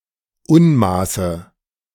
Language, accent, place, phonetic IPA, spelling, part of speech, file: German, Germany, Berlin, [ˈʊnˌmaːsə], Unmaße, noun, De-Unmaße.ogg
- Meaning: dative of Unmaß